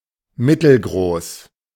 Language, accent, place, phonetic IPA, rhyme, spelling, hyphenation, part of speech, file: German, Germany, Berlin, [ˈmɪtl̩ˌɡʁoːs], -oːs, mittelgroß, mit‧tel‧groß, adjective, De-mittelgroß.ogg
- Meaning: 1. medium-sized 2. medium height